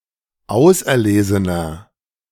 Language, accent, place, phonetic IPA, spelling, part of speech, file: German, Germany, Berlin, [ˈaʊ̯sʔɛɐ̯ˌleːzənɐ], auserlesener, adjective, De-auserlesener.ogg
- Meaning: 1. comparative degree of auserlesen 2. inflection of auserlesen: strong/mixed nominative masculine singular 3. inflection of auserlesen: strong genitive/dative feminine singular